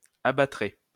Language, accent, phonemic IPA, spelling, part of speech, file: French, France, /a.ba.tʁɛ/, abattrait, verb, LL-Q150 (fra)-abattrait.wav
- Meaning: third-person singular conditional of abattre